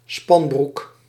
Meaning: a pair of tights or a pair of tight trousers
- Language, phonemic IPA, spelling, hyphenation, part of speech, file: Dutch, /ˈspɑn.bruk/, spanbroek, span‧broek, noun, Nl-spanbroek.ogg